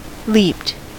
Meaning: simple past and past participle of leap
- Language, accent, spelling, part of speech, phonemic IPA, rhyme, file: English, US, leaped, verb, /liːpt/, -iːpt, En-us-leaped.ogg